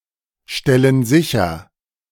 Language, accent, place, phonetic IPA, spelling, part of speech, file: German, Germany, Berlin, [ˌʃtɛlən ˈzɪçɐ], stellen sicher, verb, De-stellen sicher.ogg
- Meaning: inflection of sicherstellen: 1. first/third-person plural present 2. first/third-person plural subjunctive I